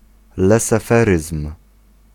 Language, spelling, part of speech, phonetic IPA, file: Polish, leseferyzm, noun, [ˌlɛsɛˈfɛrɨsm̥], Pl-leseferyzm.ogg